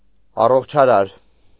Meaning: 1. healing, curative 2. healthy, wholesome, healthful, beneficial
- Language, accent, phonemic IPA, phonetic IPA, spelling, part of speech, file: Armenian, Eastern Armenian, /ɑroχt͡ʃʰɑˈɾɑɾ/, [ɑroχt͡ʃʰɑɾɑ́ɾ], առողջարար, adjective, Hy-առողջարար.ogg